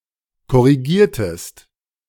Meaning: inflection of korrigieren: 1. second-person singular preterite 2. second-person singular subjunctive II
- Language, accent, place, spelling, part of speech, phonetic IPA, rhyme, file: German, Germany, Berlin, korrigiertest, verb, [kɔʁiˈɡiːɐ̯təst], -iːɐ̯təst, De-korrigiertest.ogg